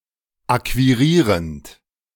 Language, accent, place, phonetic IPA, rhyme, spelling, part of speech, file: German, Germany, Berlin, [ˌakviˈʁiːʁənt], -iːʁənt, akquirierend, verb, De-akquirierend.ogg
- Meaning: present participle of akquirieren